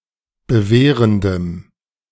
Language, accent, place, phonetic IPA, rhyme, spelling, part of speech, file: German, Germany, Berlin, [bəˈveːʁəndəm], -eːʁəndəm, bewehrendem, adjective, De-bewehrendem.ogg
- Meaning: strong dative masculine/neuter singular of bewehrend